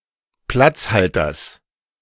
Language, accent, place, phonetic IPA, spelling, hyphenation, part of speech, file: German, Germany, Berlin, [ˈplat͡sˌhaltɐs], Platzhalters, Platz‧hal‧ters, noun, De-Platzhalters.ogg
- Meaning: genitive singular of Platzhalter